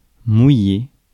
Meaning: 1. to make wet, get wet, dampen, moisten 2. to water (down) 3. to cast, drop (anchor) 4. to palatalize 5. to anchor, lie at anchor 6. to be so frightened as to piss oneself 7. to be wet 8. to rain
- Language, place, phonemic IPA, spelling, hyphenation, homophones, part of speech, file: French, Paris, /mu.je/, mouiller, mou‧iller, mouillai / mouillé / mouillée / mouillées / mouillés / mouillez, verb, Fr-mouiller.ogg